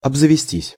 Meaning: to acquire, to provide oneself (with)
- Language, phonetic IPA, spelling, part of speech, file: Russian, [ɐbzəvʲɪˈsʲtʲisʲ], обзавестись, verb, Ru-обзавестись.ogg